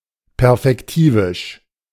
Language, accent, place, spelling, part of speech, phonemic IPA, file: German, Germany, Berlin, perfektivisch, adjective, /ˈpɛʁfɛktiːvɪʃ/, De-perfektivisch.ogg
- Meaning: synonym of perfektiv